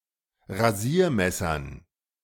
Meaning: dative plural of Rasiermesser
- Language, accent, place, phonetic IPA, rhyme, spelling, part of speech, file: German, Germany, Berlin, [ʁaˈziːɐ̯ˌmɛsɐn], -iːɐ̯mɛsɐn, Rasiermessern, noun, De-Rasiermessern.ogg